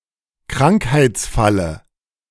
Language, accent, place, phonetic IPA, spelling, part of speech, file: German, Germany, Berlin, [ˈkʁaŋkhaɪ̯t͡sˌfalə], Krankheitsfalle, noun, De-Krankheitsfalle.ogg
- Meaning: dative singular of Krankheitsfall